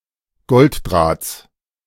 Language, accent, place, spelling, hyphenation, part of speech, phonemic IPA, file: German, Germany, Berlin, Golddrahts, Gold‧drahts, noun, /ˈɡɔltˌdʁaːt͡s/, De-Golddrahts.ogg
- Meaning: genitive singular of Golddraht